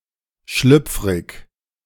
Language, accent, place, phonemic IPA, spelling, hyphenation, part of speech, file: German, Germany, Berlin, /ˈʃlʏpf.ʁɪç/, schlüpfrig, schlüpf‧rig, adjective, De-schlüpfrig2.ogg
- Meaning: 1. slippery, slick, greasy, slimy 2. slippery, tricky, unstable, changeable 3. risqué, salacious, scabrous